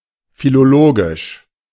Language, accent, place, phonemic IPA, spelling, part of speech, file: German, Germany, Berlin, /filoˈloːɡɪʃ/, philologisch, adjective, De-philologisch.ogg
- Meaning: philological